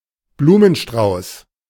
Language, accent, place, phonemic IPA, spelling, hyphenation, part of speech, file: German, Germany, Berlin, /ˈbluːmənʃtraʊ̯s/, Blumenstrauß, Blu‧men‧strauß, noun, De-Blumenstrauß.ogg
- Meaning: bouquet (bunch of flowers)